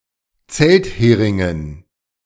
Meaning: dative plural of Zelthering
- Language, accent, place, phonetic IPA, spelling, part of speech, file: German, Germany, Berlin, [ˈt͡sɛltˌheːʁɪŋən], Zeltheringen, noun, De-Zeltheringen.ogg